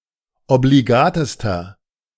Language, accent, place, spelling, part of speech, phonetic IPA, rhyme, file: German, Germany, Berlin, obligatester, adjective, [obliˈɡaːtəstɐ], -aːtəstɐ, De-obligatester.ogg
- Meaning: inflection of obligat: 1. strong/mixed nominative masculine singular superlative degree 2. strong genitive/dative feminine singular superlative degree 3. strong genitive plural superlative degree